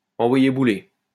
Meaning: to send someone packing
- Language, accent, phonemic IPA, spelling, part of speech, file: French, France, /ɑ̃.vwa.je bu.le/, envoyer bouler, verb, LL-Q150 (fra)-envoyer bouler.wav